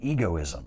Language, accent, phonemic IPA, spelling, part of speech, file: English, US, /ˈi.ɡoʊˌɪ.zəm/, egoism, noun, En-us-egoism.ogg
- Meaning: 1. The tendency to think selfishly with exclusive self-interest in mind 2. The belief that moral behavior should be directed toward one's self-interest only